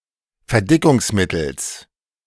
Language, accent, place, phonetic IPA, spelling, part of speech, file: German, Germany, Berlin, [fɛɐ̯ˈdɪkʊŋsˌmɪtl̩s], Verdickungsmittels, noun, De-Verdickungsmittels.ogg
- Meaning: genitive singular of Verdickungsmittel